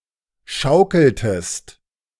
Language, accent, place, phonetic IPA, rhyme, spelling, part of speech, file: German, Germany, Berlin, [ˈʃaʊ̯kl̩təst], -aʊ̯kl̩təst, schaukeltest, verb, De-schaukeltest.ogg
- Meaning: inflection of schaukeln: 1. second-person singular preterite 2. second-person singular subjunctive II